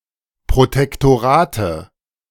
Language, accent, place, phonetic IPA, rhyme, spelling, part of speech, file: German, Germany, Berlin, [pʁotɛktoˈʁaːtə], -aːtə, Protektorate, noun, De-Protektorate.ogg
- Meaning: nominative/accusative/genitive plural of Protektorat